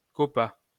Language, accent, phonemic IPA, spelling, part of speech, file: French, France, /kɔ.pa/, coppa, noun, LL-Q150 (fra)-coppa.wav
- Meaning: koppa (Greek letter)